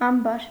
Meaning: granary, barn
- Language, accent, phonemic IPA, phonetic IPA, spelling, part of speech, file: Armenian, Eastern Armenian, /ɑmˈbɑɾ/, [ɑmbɑ́ɾ], ամբար, noun, Hy-ամբար (1).ogg